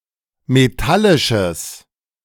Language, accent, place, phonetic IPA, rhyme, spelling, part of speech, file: German, Germany, Berlin, [meˈtalɪʃəs], -alɪʃəs, metallisches, adjective, De-metallisches.ogg
- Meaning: strong/mixed nominative/accusative neuter singular of metallisch